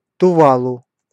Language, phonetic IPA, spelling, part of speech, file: Russian, [tʊˈvaɫʊ], Тувалу, proper noun, Ru-Тувалу.ogg
- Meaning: Tuvalu (a country and archipelago of Polynesia)